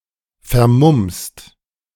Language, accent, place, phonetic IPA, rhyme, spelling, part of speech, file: German, Germany, Berlin, [fɛɐ̯ˈmʊmst], -ʊmst, vermummst, verb, De-vermummst.ogg
- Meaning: second-person singular present of vermummen